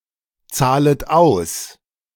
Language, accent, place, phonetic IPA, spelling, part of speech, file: German, Germany, Berlin, [ˌt͡saːlət ˈaʊ̯s], zahlet aus, verb, De-zahlet aus.ogg
- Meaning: second-person plural subjunctive I of auszahlen